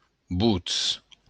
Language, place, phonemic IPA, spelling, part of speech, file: Occitan, Béarn, /ˈbut͡s/, votz, noun, LL-Q14185 (oci)-votz.wav
- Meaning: voice